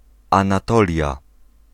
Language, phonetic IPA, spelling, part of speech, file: Polish, [ˌãnaˈtɔlʲja], Anatolia, proper noun, Pl-Anatolia.ogg